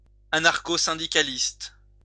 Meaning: anarchosyndicalist
- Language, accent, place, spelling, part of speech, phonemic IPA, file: French, France, Lyon, anarchosyndicaliste, adjective, /a.naʁ.ko.sɛ̃.di.ka.list/, LL-Q150 (fra)-anarchosyndicaliste.wav